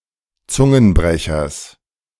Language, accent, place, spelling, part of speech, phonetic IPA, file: German, Germany, Berlin, Zungenbrechers, noun, [ˈt͡sʊŋənˌbʁɛçɐs], De-Zungenbrechers.ogg
- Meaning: genitive singular of Zungenbrecher